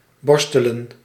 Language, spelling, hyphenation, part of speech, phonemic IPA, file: Dutch, borstelen, bor‧ste‧len, verb, /ˈbɔrs.tə.lə(n)/, Nl-borstelen.ogg
- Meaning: to brush